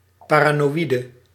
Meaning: paranoid
- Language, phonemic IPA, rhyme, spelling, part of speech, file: Dutch, /ˌpaː.raː.noːˈi.də/, -idə, paranoïde, adjective, Nl-paranoïde.ogg